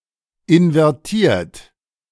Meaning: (verb) past participle of invertieren; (adjective) inverted
- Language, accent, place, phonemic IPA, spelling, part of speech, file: German, Germany, Berlin, /ɪnvɛʁˈtiːɐ̯t/, invertiert, verb / adjective, De-invertiert.ogg